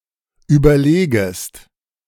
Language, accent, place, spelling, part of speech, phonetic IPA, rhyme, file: German, Germany, Berlin, überlegest, verb, [ˌyːbɐˈleːɡəst], -eːɡəst, De-überlegest.ogg
- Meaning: second-person singular subjunctive I of überlegen